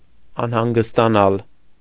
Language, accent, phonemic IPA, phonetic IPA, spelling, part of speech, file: Armenian, Eastern Armenian, /ɑnhɑnɡəstɑˈnɑl/, [ɑnhɑŋɡəstɑnɑ́l], անհանգստանալ, verb, Hy-անհանգստանալ .ogg
- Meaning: to worry, to be anxious (about), to be uneasy (about), to be nervous (about)